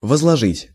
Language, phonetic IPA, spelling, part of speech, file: Russian, [vəzɫɐˈʐɨtʲ], возложить, verb, Ru-возложить.ogg
- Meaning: 1. to lay, to place (something on a certain area for memorial purposes) 2. to assign (someone with tasks, commands, blames, hopes, or responsibilities)